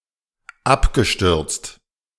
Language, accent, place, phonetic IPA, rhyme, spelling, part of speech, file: German, Germany, Berlin, [ˈapɡəˌʃtʏʁt͡st], -apɡəʃtʏʁt͡st, abgestürzt, verb, De-abgestürzt.ogg
- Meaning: past participle of abstürzen